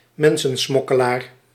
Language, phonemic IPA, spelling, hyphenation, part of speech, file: Dutch, /ˈmɛn.sə(n)ˌsmɔ.kə.laːr/, mensensmokkelaar, men‧sen‧smok‧ke‧laar, noun, Nl-mensensmokkelaar.ogg
- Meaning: people smuggler